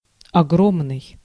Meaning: huge, vast, enormous
- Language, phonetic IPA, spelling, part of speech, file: Russian, [ɐˈɡromnɨj], огромный, adjective, Ru-огромный.ogg